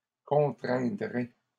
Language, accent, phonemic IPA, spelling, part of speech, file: French, Canada, /kɔ̃.tʁɛ̃.dʁe/, contraindrez, verb, LL-Q150 (fra)-contraindrez.wav
- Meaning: second-person plural simple future of contraindre